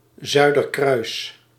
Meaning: the Southern Cross, Crux
- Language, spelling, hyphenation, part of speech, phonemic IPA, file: Dutch, Zuiderkruis, Zui‧der‧kruis, proper noun, /ˈzœy̯.dərˌkrœy̯s/, Nl-Zuiderkruis.ogg